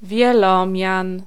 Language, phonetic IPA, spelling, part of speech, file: Polish, [vʲjɛˈlɔ̃mʲjãn], wielomian, noun, Pl-wielomian.ogg